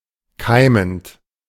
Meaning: present participle of keimen
- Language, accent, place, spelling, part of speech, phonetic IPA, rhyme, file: German, Germany, Berlin, keimend, verb, [ˈkaɪ̯mənt], -aɪ̯mənt, De-keimend.ogg